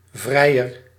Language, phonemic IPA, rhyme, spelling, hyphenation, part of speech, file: Dutch, /ˈvrɛi̯.ər/, -ɛi̯ər, vrijer, vrij‧er, noun / adjective, Nl-vrijer.ogg
- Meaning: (noun) 1. suitor 2. lover, friend 3. bachelor 4. a large speculoos biscuit in the shape of a man, traditionally given to women by suitors; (adjective) comparative degree of vrij